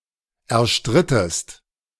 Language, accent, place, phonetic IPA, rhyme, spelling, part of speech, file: German, Germany, Berlin, [ɛɐ̯ˈʃtʁɪtəst], -ɪtəst, erstrittest, verb, De-erstrittest.ogg
- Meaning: inflection of erstreiten: 1. second-person singular preterite 2. second-person singular subjunctive II